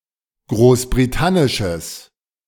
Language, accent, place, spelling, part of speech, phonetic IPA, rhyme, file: German, Germany, Berlin, großbritannisches, adjective, [ˌɡʁoːsbʁiˈtanɪʃəs], -anɪʃəs, De-großbritannisches.ogg
- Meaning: strong/mixed nominative/accusative neuter singular of großbritannisch